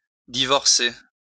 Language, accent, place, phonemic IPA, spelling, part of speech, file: French, France, Lyon, /di.vɔʁ.se/, divorcer, verb, LL-Q150 (fra)-divorcer.wav
- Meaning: 1. to divorce (to legally dissolve a marriage) 2. to get divorced, to divorce one another